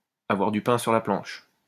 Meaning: 1. to have bread on the table (to have enough to live on) 2. to have a lot on one's plate, to have one's work cut out for one
- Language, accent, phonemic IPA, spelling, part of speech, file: French, France, /a.vwaʁ dy pɛ̃ syʁ la plɑ̃ʃ/, avoir du pain sur la planche, verb, LL-Q150 (fra)-avoir du pain sur la planche.wav